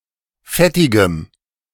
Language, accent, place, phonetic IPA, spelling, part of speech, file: German, Germany, Berlin, [ˈfɛtɪɡəm], fettigem, adjective, De-fettigem.ogg
- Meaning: strong dative masculine/neuter singular of fettig